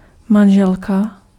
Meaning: wife
- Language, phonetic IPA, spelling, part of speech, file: Czech, [ˈmanʒɛlka], manželka, noun, Cs-manželka.ogg